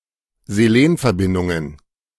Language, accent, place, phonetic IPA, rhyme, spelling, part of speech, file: German, Germany, Berlin, [zeˈleːnfɛɐ̯ˌbɪndʊŋən], -eːnfɛɐ̯bɪndʊŋən, Selenverbindungen, noun, De-Selenverbindungen.ogg
- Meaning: plural of Selenverbindung